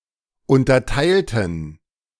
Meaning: inflection of unterteilt: 1. strong genitive masculine/neuter singular 2. weak/mixed genitive/dative all-gender singular 3. strong/weak/mixed accusative masculine singular 4. strong dative plural
- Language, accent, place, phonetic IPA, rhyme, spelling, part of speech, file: German, Germany, Berlin, [ˌʊntɐˈtaɪ̯ltn̩], -aɪ̯ltn̩, unterteilten, adjective / verb, De-unterteilten.ogg